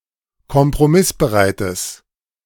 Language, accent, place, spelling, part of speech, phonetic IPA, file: German, Germany, Berlin, kompromissbereites, adjective, [kɔmpʁoˈmɪsbəˌʁaɪ̯təs], De-kompromissbereites.ogg
- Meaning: strong/mixed nominative/accusative neuter singular of kompromissbereit